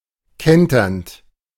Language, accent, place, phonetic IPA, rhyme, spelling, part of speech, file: German, Germany, Berlin, [ˈkɛntɐnt], -ɛntɐnt, kenternd, verb, De-kenternd.ogg
- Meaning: present participle of kentern